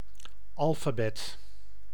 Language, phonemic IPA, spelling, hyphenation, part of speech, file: Dutch, /ˈɑl.faːˌbɛt/, alfabet, al‧fa‧bet, noun, Nl-alfabet.ogg
- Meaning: alphabet